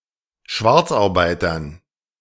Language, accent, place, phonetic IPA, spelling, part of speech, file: German, Germany, Berlin, [ˈʃvaʁt͡sʔaʁˌbaɪ̯tɐn], Schwarzarbeitern, noun, De-Schwarzarbeitern.ogg
- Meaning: dative plural of Schwarzarbeiter